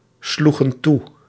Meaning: inflection of toeslaan: 1. plural past indicative 2. plural past subjunctive
- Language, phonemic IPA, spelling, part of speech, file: Dutch, /ˈsluɣə(n) ˈtu/, sloegen toe, verb, Nl-sloegen toe.ogg